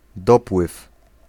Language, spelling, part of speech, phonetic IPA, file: Polish, dopływ, noun, [ˈdɔpwɨf], Pl-dopływ.ogg